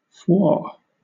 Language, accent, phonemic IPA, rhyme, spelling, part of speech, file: English, Southern England, /fwɔː(ɹ)/, -ɔː(ɹ), phwoar, interjection / verb, LL-Q1860 (eng)-phwoar.wav
- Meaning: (interjection) Expresses sexual desire on seeing a person to whom one is attracted; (verb) To express sexual desire upon seeing a person that one finds sexually attractive